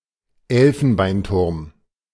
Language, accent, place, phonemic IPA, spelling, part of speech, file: German, Germany, Berlin, /ˈɛlfn̩baɪ̯nˌtʊʁm/, Elfenbeinturm, noun, De-Elfenbeinturm.ogg
- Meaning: ivory tower